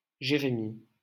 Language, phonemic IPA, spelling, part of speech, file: French, /ʒe.ʁe.mi/, Jérémie, proper noun, LL-Q150 (fra)-Jérémie.wav
- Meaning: 1. Jeremiah (prophet) 2. Jeremiah (book of the Bible) 3. a male given name, equivalent to English Jeremy or Jeremiah 4. Jérémie (a city and commune, the capital of Grand'Anse department, Haiti)